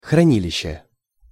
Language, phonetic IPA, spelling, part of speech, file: Russian, [xrɐˈnʲilʲɪɕːe], хранилище, noun, Ru-хранилище.ogg
- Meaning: depository, repository, depot, storehouse, warehouse (a location for storage, often for safety or preservation)